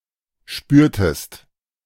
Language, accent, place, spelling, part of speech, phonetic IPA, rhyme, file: German, Germany, Berlin, spürtest, verb, [ˈʃpyːɐ̯təst], -yːɐ̯təst, De-spürtest.ogg
- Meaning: inflection of spüren: 1. second-person singular preterite 2. second-person singular subjunctive II